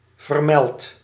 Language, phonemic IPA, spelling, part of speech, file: Dutch, /vərˈmɛlt/, vermeld, verb / adjective, Nl-vermeld.ogg
- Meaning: inflection of vermelden: 1. first-person singular present indicative 2. second-person singular present indicative 3. imperative